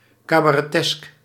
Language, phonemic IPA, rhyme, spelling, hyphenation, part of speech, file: Dutch, /ˌkaː.baː.rɛˈtɛsk/, -ɛsk, cabaretesk, ca‧ba‧re‧tesk, adjective, Nl-cabaretesk.ogg
- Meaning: cabaret-like; as if from a comedy show